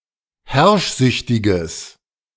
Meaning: strong/mixed nominative/accusative neuter singular of herrschsüchtig
- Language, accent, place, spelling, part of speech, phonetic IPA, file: German, Germany, Berlin, herrschsüchtiges, adjective, [ˈhɛʁʃˌzʏçtɪɡəs], De-herrschsüchtiges.ogg